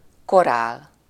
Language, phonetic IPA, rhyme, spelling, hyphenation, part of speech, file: Hungarian, [ˈkoraːl], -aːl, korál, ko‧rál, noun, Hu-korál.ogg
- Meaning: chorale (a chorus or choir)